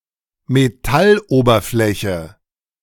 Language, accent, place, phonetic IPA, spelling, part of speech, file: German, Germany, Berlin, [meˈtalˌʔoːbɐflɛçə], Metalloberfläche, noun, De-Metalloberfläche.ogg
- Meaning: metal surface